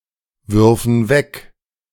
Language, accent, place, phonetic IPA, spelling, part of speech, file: German, Germany, Berlin, [ˌvʏʁfn̩ ˈvɛk], würfen weg, verb, De-würfen weg.ogg
- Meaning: first/third-person plural subjunctive II of wegwerfen